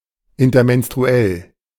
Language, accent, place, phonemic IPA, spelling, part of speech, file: German, Germany, Berlin, /ɪntɐmɛnstʁuˈɛl/, intermenstruell, adjective, De-intermenstruell.ogg
- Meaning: intermenstrual